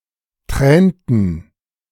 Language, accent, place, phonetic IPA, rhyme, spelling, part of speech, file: German, Germany, Berlin, [ˈtʁɛːntn̩], -ɛːntn̩, tränten, verb, De-tränten.ogg
- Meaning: inflection of tränen: 1. first/third-person plural preterite 2. first/third-person plural subjunctive II